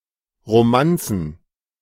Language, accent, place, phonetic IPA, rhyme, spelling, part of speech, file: German, Germany, Berlin, [ʁoˈmant͡sn̩], -ant͡sn̩, Romanzen, noun, De-Romanzen.ogg
- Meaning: plural of Romanze